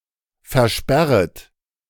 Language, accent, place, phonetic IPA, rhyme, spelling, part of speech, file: German, Germany, Berlin, [fɛɐ̯ˈʃpɛʁət], -ɛʁət, versperret, verb, De-versperret.ogg
- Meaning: second-person plural subjunctive I of versperren